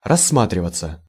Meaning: passive of рассма́тривать (rassmátrivatʹ)
- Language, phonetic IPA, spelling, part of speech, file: Russian, [rɐsːˈmatrʲɪvət͡sə], рассматриваться, verb, Ru-рассматриваться.ogg